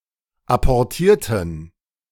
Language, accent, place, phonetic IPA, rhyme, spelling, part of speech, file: German, Germany, Berlin, [apɔʁˈtiːɐ̯tn̩], -iːɐ̯tn̩, apportierten, adjective / verb, De-apportierten.ogg
- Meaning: inflection of apportieren: 1. first/third-person plural preterite 2. first/third-person plural subjunctive II